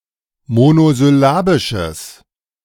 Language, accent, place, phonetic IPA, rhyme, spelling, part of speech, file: German, Germany, Berlin, [monozʏˈlaːbɪʃəs], -aːbɪʃəs, monosyllabisches, adjective, De-monosyllabisches.ogg
- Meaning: strong/mixed nominative/accusative neuter singular of monosyllabisch